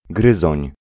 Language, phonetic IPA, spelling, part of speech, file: Polish, [ˈɡrɨzɔ̃ɲ], gryzoń, noun, Pl-gryzoń.ogg